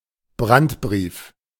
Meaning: urgent letter to an organisation or (figure of) authority asserting an emergency situation
- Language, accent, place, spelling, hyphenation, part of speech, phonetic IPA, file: German, Germany, Berlin, Brandbrief, Brand‧brief, noun, [ˈbʁantˌbʁiːf], De-Brandbrief.ogg